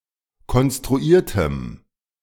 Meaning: strong dative masculine/neuter singular of konstruiert
- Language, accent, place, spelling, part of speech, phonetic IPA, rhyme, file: German, Germany, Berlin, konstruiertem, adjective, [kɔnstʁuˈiːɐ̯təm], -iːɐ̯təm, De-konstruiertem.ogg